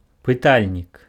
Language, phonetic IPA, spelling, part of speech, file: Belarusian, [pɨˈtalʲnʲik], пытальнік, noun, Be-пытальнік.ogg
- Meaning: question mark